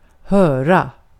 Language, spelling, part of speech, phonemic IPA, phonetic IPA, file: Swedish, höra, verb, /²høːra/, [²hœ̞ːra], Sv-höra.ogg
- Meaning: 1. to hear (sound, news, etc.) 2. to check (with someone, by asking them or the like (thus hearing them)) 3. to question (interrogate) 4. to belong (to), to be a (necessary) part of